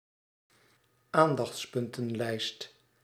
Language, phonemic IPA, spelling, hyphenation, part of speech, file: Dutch, /ˈaːn.dɑxts.pʏn.tə(n)ˌlɛi̯st/, aandachtspuntenlijst, aan‧dachts‧pun‧ten‧lijst, noun, Nl-aandachtspuntenlijst.ogg
- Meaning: list of points that require special attention